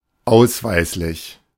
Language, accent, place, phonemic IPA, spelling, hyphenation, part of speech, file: German, Germany, Berlin, /ˈaʊ̯sˌvaɪ̯slɪç/, ausweislich, aus‧weis‧lich, preposition, De-ausweislich.ogg
- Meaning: based on, according to